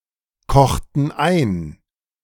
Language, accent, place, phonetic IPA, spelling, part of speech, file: German, Germany, Berlin, [ˌkɔxtn̩ ˈaɪ̯n], kochten ein, verb, De-kochten ein.ogg
- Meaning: inflection of einkochen: 1. first/third-person plural preterite 2. first/third-person plural subjunctive II